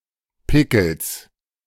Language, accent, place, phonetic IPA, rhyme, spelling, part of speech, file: German, Germany, Berlin, [ˈpɪkl̩s], -ɪkl̩s, Pickels, noun, De-Pickels.ogg
- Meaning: genitive singular of Pickel